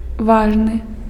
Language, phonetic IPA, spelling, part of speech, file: Belarusian, [ˈvaʐnɨ], важны, adjective, Be-важны.ogg
- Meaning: important, significant